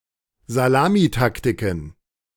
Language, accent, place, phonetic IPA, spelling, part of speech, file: German, Germany, Berlin, [zaˈlaːmiˌtaktɪkn̩], Salamitaktiken, noun, De-Salamitaktiken.ogg
- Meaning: plural of Salamitaktik